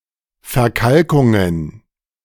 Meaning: plural of Verkalkung
- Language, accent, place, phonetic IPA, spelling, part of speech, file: German, Germany, Berlin, [fɛɐ̯ˈkalkʊŋən], Verkalkungen, noun, De-Verkalkungen.ogg